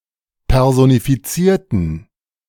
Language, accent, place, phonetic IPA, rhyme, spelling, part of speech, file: German, Germany, Berlin, [ˌpɛʁzonifiˈt͡siːɐ̯tn̩], -iːɐ̯tn̩, personifizierten, adjective / verb, De-personifizierten.ogg
- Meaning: inflection of personifizieren: 1. first/third-person plural preterite 2. first/third-person plural subjunctive II